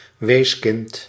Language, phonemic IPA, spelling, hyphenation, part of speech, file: Dutch, /ˈʋeːs.kɪnt/, weeskind, wees‧kind, noun, Nl-weeskind.ogg
- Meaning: an orphaned child, an underage orphan